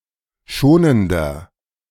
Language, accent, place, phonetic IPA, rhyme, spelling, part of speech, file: German, Germany, Berlin, [ˈʃoːnəndɐ], -oːnəndɐ, schonender, adjective, De-schonender.ogg
- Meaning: 1. comparative degree of schonend 2. inflection of schonend: strong/mixed nominative masculine singular 3. inflection of schonend: strong genitive/dative feminine singular